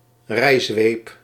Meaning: crop, riding-crop, horsewhip
- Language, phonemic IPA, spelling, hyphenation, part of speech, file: Dutch, /ˈrɛi̯.zʋeːp/, rijzweep, rij‧zweep, noun, Nl-rijzweep.ogg